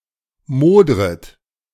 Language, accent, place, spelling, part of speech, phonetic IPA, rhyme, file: German, Germany, Berlin, modret, verb, [ˈmoːdʁət], -oːdʁət, De-modret.ogg
- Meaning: second-person plural subjunctive I of modern